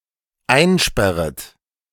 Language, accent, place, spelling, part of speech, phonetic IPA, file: German, Germany, Berlin, einsperret, verb, [ˈaɪ̯nˌʃpɛʁət], De-einsperret.ogg
- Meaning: second-person plural dependent subjunctive I of einsperren